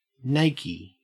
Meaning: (noun) A selfie of a nude person; a naked selfie; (adjective) Alternative spelling of nakey (“naked”)
- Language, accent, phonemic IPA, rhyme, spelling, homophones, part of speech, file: English, Australia, /ˈneɪki/, -eɪki, nakie, nakey, noun / adjective, En-au-nakie.ogg